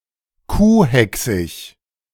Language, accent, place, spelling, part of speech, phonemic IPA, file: German, Germany, Berlin, kuhhächsig, adjective, /ˈkuːˌhɛksɪç/, De-kuhhächsig.ogg
- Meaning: synonym of kuhhackig